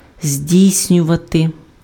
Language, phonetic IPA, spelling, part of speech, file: Ukrainian, [ˈzʲdʲii̯sʲnʲʊʋɐte], здійснювати, verb, Uk-здійснювати.ogg
- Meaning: to implement, to put into effect, to put into practice, to effectuate, to perform, to bring about, to realize